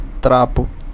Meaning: 1. tatter (a shred of torn cloth) 2. rag (piece of old cloth)
- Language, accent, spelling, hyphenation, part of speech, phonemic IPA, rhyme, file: Portuguese, Brazil, trapo, tra‧po, noun, /ˈtɾa.pu/, -apu, Pt-br-trapo.ogg